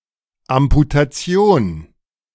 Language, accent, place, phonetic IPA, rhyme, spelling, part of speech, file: German, Germany, Berlin, [amputaˈt͡si̯oːn], -oːn, Amputation, noun, De-Amputation.ogg
- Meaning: amputation